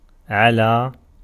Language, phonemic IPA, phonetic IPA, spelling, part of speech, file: Arabic, /ʕa.laː/, [ˈʕɐ.lɑː], على, preposition / verb, Ar-على.ogg
- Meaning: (preposition) 1. on, over 2. against 3. expresses obligation 4. despite 5. on condition, provided; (verb) to climb